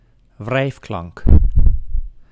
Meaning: a fricative, consonant sound
- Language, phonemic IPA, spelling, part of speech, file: Dutch, /ˈvrɛi̯fklɑŋk/, wrijfklank, noun, Nl-wrijfklank.ogg